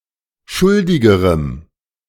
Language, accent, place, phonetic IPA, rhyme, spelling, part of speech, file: German, Germany, Berlin, [ˈʃʊldɪɡəʁəm], -ʊldɪɡəʁəm, schuldigerem, adjective, De-schuldigerem.ogg
- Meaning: strong dative masculine/neuter singular comparative degree of schuldig